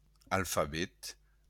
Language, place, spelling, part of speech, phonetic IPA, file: Occitan, Béarn, alfabet, noun, [alfaˈβet], LL-Q14185 (oci)-alfabet.wav
- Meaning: alphabet